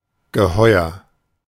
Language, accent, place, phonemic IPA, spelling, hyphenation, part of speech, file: German, Germany, Berlin, /ɡəˈhɔʏ̯ɐ/, geheuer, ge‧heu‧er, adjective, De-geheuer.ogg
- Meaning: pleasant, comfortable, sure